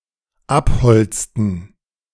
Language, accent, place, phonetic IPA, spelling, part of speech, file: German, Germany, Berlin, [ˈapˌhɔlt͡stn̩], abholzten, verb, De-abholzten.ogg
- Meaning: inflection of abholzen: 1. first/third-person plural dependent preterite 2. first/third-person plural dependent subjunctive II